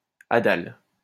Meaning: hadal
- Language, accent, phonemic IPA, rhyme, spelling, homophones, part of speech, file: French, France, /a.dal/, -al, hadal, hadale / hadales, adjective, LL-Q150 (fra)-hadal.wav